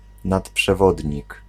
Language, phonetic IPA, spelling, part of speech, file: Polish, [ˌnatpʃɛˈvɔdʲɲik], nadprzewodnik, noun, Pl-nadprzewodnik.ogg